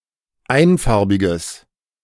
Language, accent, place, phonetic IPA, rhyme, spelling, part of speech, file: German, Germany, Berlin, [ˈaɪ̯nˌfaʁbɪɡəs], -aɪ̯nfaʁbɪɡəs, einfarbiges, adjective, De-einfarbiges.ogg
- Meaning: strong/mixed nominative/accusative neuter singular of einfarbig